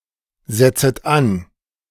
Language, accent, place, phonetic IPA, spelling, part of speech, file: German, Germany, Berlin, [ˌzɛt͡sət ˈan], setzet an, verb, De-setzet an.ogg
- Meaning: second-person plural subjunctive I of ansetzen